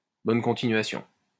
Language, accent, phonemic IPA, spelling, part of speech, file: French, France, /bɔn kɔ̃.ti.nɥa.sjɔ̃/, bonne continuation, phrase, LL-Q150 (fra)-bonne continuation.wav
- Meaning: all the best, best of luck (used to wish someone, who one doesn't expect to see again, luck in their future endeavours)